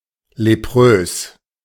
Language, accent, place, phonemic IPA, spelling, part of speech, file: German, Germany, Berlin, /leˈpʁøːs/, leprös, adjective, De-leprös.ogg
- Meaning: leprous